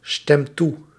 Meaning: inflection of toestemmen: 1. second/third-person singular present indicative 2. plural imperative
- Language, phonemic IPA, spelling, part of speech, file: Dutch, /ˈstɛmt ˈtu/, stemt toe, verb, Nl-stemt toe.ogg